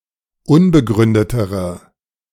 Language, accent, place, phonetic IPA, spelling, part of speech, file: German, Germany, Berlin, [ˈʊnbəˌɡʁʏndətəʁə], unbegründetere, adjective, De-unbegründetere.ogg
- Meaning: inflection of unbegründet: 1. strong/mixed nominative/accusative feminine singular comparative degree 2. strong nominative/accusative plural comparative degree